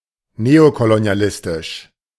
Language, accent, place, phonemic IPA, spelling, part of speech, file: German, Germany, Berlin, /ˈneːokoloni̯aˌlɪstɪʃ/, neokolonialistisch, adjective, De-neokolonialistisch.ogg
- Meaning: neocolonialist